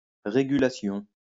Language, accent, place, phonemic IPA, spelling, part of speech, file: French, France, Lyon, /ʁe.ɡy.la.sjɔ̃/, régulation, noun, LL-Q150 (fra)-régulation.wav
- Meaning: regulation